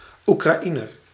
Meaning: Ukrainian (a native or inhabitant of Ukraine)
- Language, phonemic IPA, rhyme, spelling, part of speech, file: Dutch, /ˌu.kraːˈi.nər/, -inər, Oekraïner, noun, Nl-Oekraïner.ogg